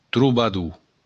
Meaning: troubadour
- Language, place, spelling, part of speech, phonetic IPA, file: Occitan, Béarn, trobador, noun, [truβaˈðu], LL-Q14185 (oci)-trobador.wav